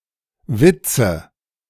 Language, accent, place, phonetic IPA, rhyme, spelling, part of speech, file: German, Germany, Berlin, [ˈvɪt͡sə], -ɪt͡sə, Witze, noun, De-Witze.ogg
- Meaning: nominative/accusative/genitive plural of Witz "jokes"